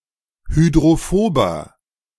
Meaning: 1. comparative degree of hydrophob 2. inflection of hydrophob: strong/mixed nominative masculine singular 3. inflection of hydrophob: strong genitive/dative feminine singular
- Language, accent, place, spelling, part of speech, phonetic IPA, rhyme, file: German, Germany, Berlin, hydrophober, adjective, [hydʁoˈfoːbɐ], -oːbɐ, De-hydrophober.ogg